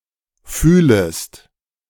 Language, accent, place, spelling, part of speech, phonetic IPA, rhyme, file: German, Germany, Berlin, fühlest, verb, [ˈfyːləst], -yːləst, De-fühlest.ogg
- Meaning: second-person singular subjunctive I of fühlen